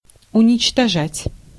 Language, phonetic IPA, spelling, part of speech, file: Russian, [ʊnʲɪt͡ɕtɐˈʐatʲ], уничтожать, verb, Ru-уничтожать.ogg
- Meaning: 1. to destroy, to annihilate, to obliterate 2. to abolish, to do away with 3. to crush